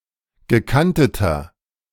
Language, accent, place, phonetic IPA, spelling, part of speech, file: German, Germany, Berlin, [ɡəˈkantətɐ], gekanteter, adjective, De-gekanteter.ogg
- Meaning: inflection of gekantet: 1. strong/mixed nominative masculine singular 2. strong genitive/dative feminine singular 3. strong genitive plural